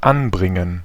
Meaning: 1. to add 2. to fix, to affix, to attach 3. to bring (something unwelcome, idea) 4. to start (a machine) 5. to get on (clothing)
- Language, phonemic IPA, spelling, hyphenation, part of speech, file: German, /ˈʔanˌbʁɪŋən/, anbringen, an‧brin‧gen, verb, De-anbringen.ogg